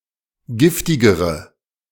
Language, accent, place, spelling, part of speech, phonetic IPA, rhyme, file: German, Germany, Berlin, giftigere, adjective, [ˈɡɪftɪɡəʁə], -ɪftɪɡəʁə, De-giftigere.ogg
- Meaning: inflection of giftig: 1. strong/mixed nominative/accusative feminine singular comparative degree 2. strong nominative/accusative plural comparative degree